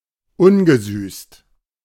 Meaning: unsweetened
- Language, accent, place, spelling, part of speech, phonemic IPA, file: German, Germany, Berlin, ungesüßt, adjective, /ˈʊnɡəˌzyːst/, De-ungesüßt.ogg